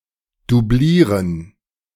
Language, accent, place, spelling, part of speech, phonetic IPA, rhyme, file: German, Germany, Berlin, dublieren, verb, [duˈbliːʁən], -iːʁən, De-dublieren.ogg
- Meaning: 1. to double 2. to double, to plate 3. to cushion